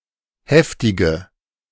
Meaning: inflection of heftig: 1. strong/mixed nominative/accusative feminine singular 2. strong nominative/accusative plural 3. weak nominative all-gender singular 4. weak accusative feminine/neuter singular
- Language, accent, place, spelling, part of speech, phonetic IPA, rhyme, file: German, Germany, Berlin, heftige, adjective, [ˈhɛftɪɡə], -ɛftɪɡə, De-heftige.ogg